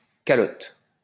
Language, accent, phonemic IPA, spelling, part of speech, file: French, France, /ka.lɔt/, calotte, noun, LL-Q150 (fra)-calotte.wav
- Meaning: 1. zucchetto (skullcap worn by Roman Catholic clergy) 2. kippah (Jewish cap) 3. calotte (religious skullcap)